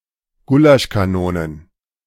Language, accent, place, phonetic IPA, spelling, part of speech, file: German, Germany, Berlin, [ˈɡuːlaʃkaˌnoːnən], Gulaschkanonen, noun, De-Gulaschkanonen.ogg
- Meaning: plural of Gulaschkanone